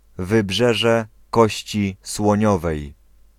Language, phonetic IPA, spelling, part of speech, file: Polish, [vɨˈbʒɛʒɛ ˈkɔɕt͡ɕi swɔ̃ˈɲɔvɛj], Wybrzeże Kości Słoniowej, proper noun, Pl-Wybrzeże Kości Słoniowej.ogg